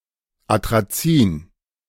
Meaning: atrazine
- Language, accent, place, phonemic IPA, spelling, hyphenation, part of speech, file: German, Germany, Berlin, /ˌatʁaˈt͡siːn/, Atrazin, Atra‧zin, noun, De-Atrazin.ogg